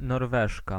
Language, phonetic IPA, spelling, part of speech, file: Polish, [nɔrˈvɛʃka], Norweżka, noun, Pl-Norweżka.ogg